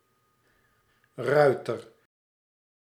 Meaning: 1. a rider, horseman 2. an armed horseman, a cavalry soldier 3. a tab (small flap or strip of material)
- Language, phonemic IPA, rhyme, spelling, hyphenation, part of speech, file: Dutch, /ˈrœy̯tər/, -œy̯tər, ruiter, rui‧ter, noun, Nl-ruiter.ogg